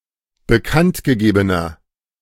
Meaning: inflection of bekanntgegeben: 1. strong/mixed nominative masculine singular 2. strong genitive/dative feminine singular 3. strong genitive plural
- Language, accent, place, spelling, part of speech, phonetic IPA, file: German, Germany, Berlin, bekanntgegebener, adjective, [bəˈkantɡəˌɡeːbənɐ], De-bekanntgegebener.ogg